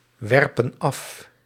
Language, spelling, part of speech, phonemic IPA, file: Dutch, werpen af, verb, /ˈwɛrpə(n) ˈɑf/, Nl-werpen af.ogg
- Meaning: inflection of afwerpen: 1. plural present indicative 2. plural present subjunctive